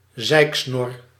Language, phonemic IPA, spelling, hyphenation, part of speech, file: Dutch, /ˈzɛi̯k.snɔr/, zeiksnor, zeik‧snor, noun, Nl-zeiksnor.ogg
- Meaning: 1. a droopy moustache that somewhat exceeds the width of the lips 2. someone who moans, a whinger